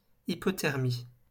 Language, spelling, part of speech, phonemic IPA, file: French, hypothermie, noun, /i.pɔ.tɛʁ.mi/, LL-Q150 (fra)-hypothermie.wav
- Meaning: hypothermia